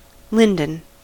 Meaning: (adjective) Made of lime-wood; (noun) 1. Any of various deciduous trees of the genus Tilia, having heart-shaped leaves 2. The soft wood of such trees
- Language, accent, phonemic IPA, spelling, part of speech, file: English, US, /ˈlɪn.dən/, linden, adjective / noun, En-us-linden.ogg